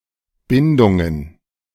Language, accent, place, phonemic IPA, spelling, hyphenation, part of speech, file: German, Germany, Berlin, /ˈbɪndʊŋən/, Bindungen, Bin‧dun‧gen, noun, De-Bindungen.ogg
- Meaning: plural of Bindung